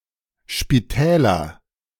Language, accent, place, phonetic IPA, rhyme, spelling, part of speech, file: German, Germany, Berlin, [ʃpiˈtɛːlɐ], -ɛːlɐ, Spitäler, noun, De-Spitäler.ogg
- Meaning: nominative/accusative/genitive plural of Spital